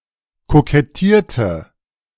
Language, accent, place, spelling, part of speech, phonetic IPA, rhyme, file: German, Germany, Berlin, kokettierte, verb, [kokɛˈtiːɐ̯tə], -iːɐ̯tə, De-kokettierte.ogg
- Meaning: inflection of kokettieren: 1. first/third-person singular preterite 2. first/third-person singular subjunctive II